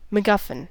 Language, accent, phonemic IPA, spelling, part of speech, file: English, US, /məˈɡʌf.ɪn/, MacGuffin, noun / proper noun, En-us-MacGuffin.ogg
- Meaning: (noun) A plot element or other device used to catch the audience's attention and maintain suspense, but whose exact nature has fairly little influence over the storyline; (proper noun) A surname